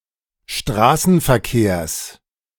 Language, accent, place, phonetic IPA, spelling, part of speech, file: German, Germany, Berlin, [ˈʃtʁaːsn̩fɛɐ̯ˌkeːɐ̯s], Straßenverkehrs, noun, De-Straßenverkehrs.ogg
- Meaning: genitive singular of Straßenverkehr